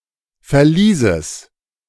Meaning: genitive singular of Verlies
- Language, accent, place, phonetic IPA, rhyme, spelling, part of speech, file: German, Germany, Berlin, [fɛɐ̯ˈliːzəs], -iːzəs, Verlieses, noun, De-Verlieses.ogg